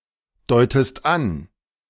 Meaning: inflection of andeuten: 1. second-person singular present 2. second-person singular subjunctive I
- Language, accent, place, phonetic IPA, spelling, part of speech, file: German, Germany, Berlin, [ˌdɔɪ̯təst ˈan], deutest an, verb, De-deutest an.ogg